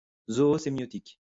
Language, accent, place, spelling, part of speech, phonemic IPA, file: French, France, Lyon, zoosémiotique, noun / adjective, /zɔ.o.se.mjɔ.tik/, LL-Q150 (fra)-zoosémiotique.wav
- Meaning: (noun) zoosemiotics; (adjective) zoosemiotic